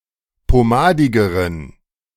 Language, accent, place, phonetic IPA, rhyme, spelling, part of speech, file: German, Germany, Berlin, [poˈmaːdɪɡəʁən], -aːdɪɡəʁən, pomadigeren, adjective, De-pomadigeren.ogg
- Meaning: inflection of pomadig: 1. strong genitive masculine/neuter singular comparative degree 2. weak/mixed genitive/dative all-gender singular comparative degree